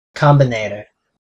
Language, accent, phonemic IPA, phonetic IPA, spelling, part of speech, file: English, US, /ˈkɑm.bɪˌneɪ.tɚ/, [ˈkɑm.bɪˌneɪ.ɾɚ], combinator, noun, En-us-combinator.ogg
- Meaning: A lambda expression which has no free variables in it